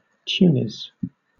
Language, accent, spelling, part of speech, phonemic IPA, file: English, Southern England, Tunis, proper noun, /ˈtjuːnɪs/, LL-Q1860 (eng)-Tunis.wav
- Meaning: 1. A city on the northern coast of Africa 2. A city on the northern coast of Africa: A Berber settlement which fell under the rule of Carthage